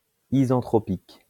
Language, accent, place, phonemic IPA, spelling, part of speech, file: French, France, Lyon, /i.zɑ̃.tʁɔ.pik/, isentropique, adjective, LL-Q150 (fra)-isentropique.wav
- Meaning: isentropic